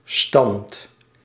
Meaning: 1. posture, position, bearing 2. rank, standing, station; class 3. score (of a game, match)
- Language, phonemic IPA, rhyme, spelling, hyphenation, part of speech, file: Dutch, /stɑnt/, -ɑnt, stand, stand, noun, Nl-stand.ogg